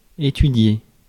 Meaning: to study
- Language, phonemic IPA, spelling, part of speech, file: French, /e.ty.dje/, étudier, verb, Fr-étudier.ogg